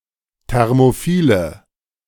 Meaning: inflection of thermophil: 1. strong/mixed nominative/accusative feminine singular 2. strong nominative/accusative plural 3. weak nominative all-gender singular
- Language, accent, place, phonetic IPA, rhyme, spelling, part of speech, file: German, Germany, Berlin, [ˌtɛʁmoˈfiːlə], -iːlə, thermophile, adjective, De-thermophile.ogg